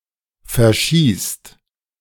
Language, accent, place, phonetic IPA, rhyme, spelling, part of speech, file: German, Germany, Berlin, [fɛɐ̯ˈʃiːst], -iːst, verschießt, verb, De-verschießt.ogg
- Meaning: inflection of verschießen: 1. second/third-person singular present 2. second-person plural present 3. plural imperative